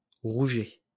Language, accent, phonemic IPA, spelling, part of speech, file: French, France, /ʁu.ʒɛ/, rouget, noun, LL-Q150 (fra)-rouget.wav
- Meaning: 1. red mullet (UK), goatfish (US) 2. gurnard 3. swine erysipelas (porcine infectuous disease)